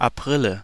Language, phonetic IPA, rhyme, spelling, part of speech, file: German, [aˈpʁɪlə], -ɪlə, Aprile, noun, De-Aprile.ogg
- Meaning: nominative/accusative/genitive plural of April